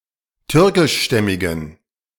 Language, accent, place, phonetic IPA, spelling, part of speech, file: German, Germany, Berlin, [ˈtʏʁkɪʃˌʃtɛmɪɡn̩], türkischstämmigen, adjective, De-türkischstämmigen.ogg
- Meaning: inflection of türkischstämmig: 1. strong genitive masculine/neuter singular 2. weak/mixed genitive/dative all-gender singular 3. strong/weak/mixed accusative masculine singular 4. strong dative plural